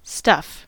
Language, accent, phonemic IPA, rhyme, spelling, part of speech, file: English, US, /stʌf/, -ʌf, stuff, noun / verb, En-us-stuff.ogg
- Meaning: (noun) 1. Miscellaneous items or objects; (with possessive) personal effects 2. Miscellaneous items or objects; (with possessive) personal effects.: Furniture; goods; domestic vessels or utensils